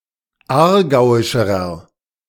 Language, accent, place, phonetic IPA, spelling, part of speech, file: German, Germany, Berlin, [ˈaːɐ̯ˌɡaʊ̯ɪʃəʁɐ], aargauischerer, adjective, De-aargauischerer.ogg
- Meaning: inflection of aargauisch: 1. strong/mixed nominative masculine singular comparative degree 2. strong genitive/dative feminine singular comparative degree 3. strong genitive plural comparative degree